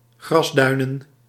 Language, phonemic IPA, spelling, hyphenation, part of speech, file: Dutch, /ˈɣrɑsˌdœy̯.nə(n)/, grasduinen, gras‧dui‧nen, verb, Nl-grasduinen.ogg
- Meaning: to do something with relish [with in], to enjoy working [with in ‘on’]; in particular: 1. to enjoy searching 2. to dabble